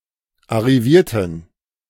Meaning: inflection of arrivieren: 1. first/third-person plural preterite 2. first/third-person plural subjunctive II
- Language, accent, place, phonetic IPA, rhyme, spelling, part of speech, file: German, Germany, Berlin, [aʁiˈviːɐ̯tn̩], -iːɐ̯tn̩, arrivierten, adjective / verb, De-arrivierten.ogg